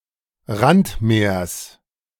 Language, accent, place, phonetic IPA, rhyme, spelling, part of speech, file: German, Germany, Berlin, [ˈʁantˌmeːɐ̯s], -antmeːɐ̯s, Randmeers, noun, De-Randmeers.ogg
- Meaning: genitive singular of Randmeer